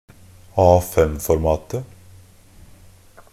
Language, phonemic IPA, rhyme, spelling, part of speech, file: Norwegian Bokmål, /ˈɑːfɛmfɔɾmɑːtə/, -ɑːtə, A5-formatet, noun, NB - Pronunciation of Norwegian Bokmål «A5-formatet».ogg
- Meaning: definite singular of A5-format